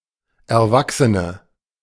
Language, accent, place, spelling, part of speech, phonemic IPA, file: German, Germany, Berlin, Erwachsene, noun, /ɛɐ̯ˈvaksənə/, De-Erwachsene.ogg
- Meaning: 1. female equivalent of Erwachsener: female adult 2. inflection of Erwachsener: strong nominative/accusative plural 3. inflection of Erwachsener: weak nominative singular